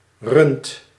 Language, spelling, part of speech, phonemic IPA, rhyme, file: Dutch, runt, verb, /rʏnt/, -ʏnt, Nl-runt.ogg
- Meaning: inflection of runnen: 1. second/third-person singular present indicative 2. plural imperative